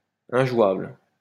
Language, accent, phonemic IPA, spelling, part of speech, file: French, France, /ɛ̃.ʒwabl/, injouable, adjective, LL-Q150 (fra)-injouable.wav
- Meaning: unplayable